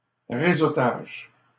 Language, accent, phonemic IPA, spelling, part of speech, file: French, Canada, /ʁe.zo.taʒ/, réseautage, noun, LL-Q150 (fra)-réseautage.wav
- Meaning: networking (act of meeting new people in a business or social context)